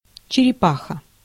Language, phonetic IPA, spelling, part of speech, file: Russian, [t͡ɕɪrʲɪˈpaxə], черепаха, noun, Ru-черепаха.ogg
- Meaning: 1. tortoise 2. turtle 3. tortoise shell